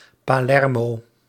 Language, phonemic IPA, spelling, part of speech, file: Dutch, /paːˈlɛrmoː/, Palermo, proper noun, Nl-Palermo.ogg
- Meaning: Palermo (a port city and comune, the capital of the Metropolitan City of Palermo and the region of Sicily, Italy)